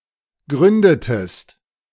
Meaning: inflection of gründen: 1. second-person singular preterite 2. second-person singular subjunctive II
- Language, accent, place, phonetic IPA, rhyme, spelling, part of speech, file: German, Germany, Berlin, [ˈɡʁʏndətəst], -ʏndətəst, gründetest, verb, De-gründetest.ogg